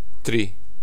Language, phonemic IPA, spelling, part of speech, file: Serbo-Croatian, /trîː/, tri, numeral, Sr-tri.ogg
- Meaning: three (3)